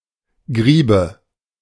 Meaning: greaves (unmeltable residue left after animal fat has been rendered)
- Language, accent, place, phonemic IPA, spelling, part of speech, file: German, Germany, Berlin, /ˈɡʁiːbə/, Griebe, noun, De-Griebe.ogg